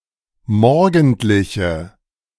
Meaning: inflection of morgendlich: 1. strong/mixed nominative/accusative feminine singular 2. strong nominative/accusative plural 3. weak nominative all-gender singular
- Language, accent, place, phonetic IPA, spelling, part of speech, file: German, Germany, Berlin, [ˈmɔʁɡn̩tlɪçə], morgendliche, adjective, De-morgendliche.ogg